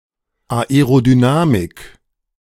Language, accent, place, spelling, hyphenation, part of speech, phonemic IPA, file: German, Germany, Berlin, Aerodynamik, Ae‧ro‧dy‧na‧mik, noun, /aeʁodyˈnaːmɪk/, De-Aerodynamik.ogg
- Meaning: aerodynamics